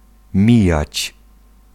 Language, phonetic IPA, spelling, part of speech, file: Polish, [ˈmʲijät͡ɕ], mijać, verb, Pl-mijać.ogg